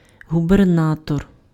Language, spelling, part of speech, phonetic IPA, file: Ukrainian, губернатор, noun, [ɦʊberˈnatɔr], Uk-губернатор.ogg
- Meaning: governor